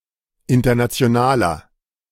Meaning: inflection of international: 1. strong/mixed nominative masculine singular 2. strong genitive/dative feminine singular 3. strong genitive plural
- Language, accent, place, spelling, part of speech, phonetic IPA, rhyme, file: German, Germany, Berlin, internationaler, adjective, [ˌɪntɐnat͡si̯oˈnaːlɐ], -aːlɐ, De-internationaler.ogg